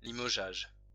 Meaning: dismissal; sacking
- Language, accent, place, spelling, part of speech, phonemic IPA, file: French, France, Lyon, limogeage, noun, /li.mɔ.ʒaʒ/, LL-Q150 (fra)-limogeage.wav